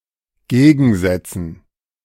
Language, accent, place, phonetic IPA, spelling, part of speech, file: German, Germany, Berlin, [ˈɡeːɡn̩ˌzɛt͡sn̩], Gegensätzen, noun, De-Gegensätzen.ogg
- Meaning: dative plural of Gegensatz